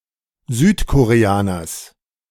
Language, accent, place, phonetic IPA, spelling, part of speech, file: German, Germany, Berlin, [ˈzyːtkoʁeˌaːnɐs], Südkoreaners, noun, De-Südkoreaners.ogg
- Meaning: genitive singular of Südkoreaner